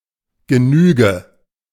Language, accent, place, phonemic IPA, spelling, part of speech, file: German, Germany, Berlin, /ɡəˈnyːɡə/, Genüge, noun, De-Genüge.ogg
- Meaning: sufficiency; a sufficient amount